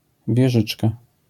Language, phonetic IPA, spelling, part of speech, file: Polish, [vʲjɛˈʒɨt͡ʃka], wieżyczka, noun, LL-Q809 (pol)-wieżyczka.wav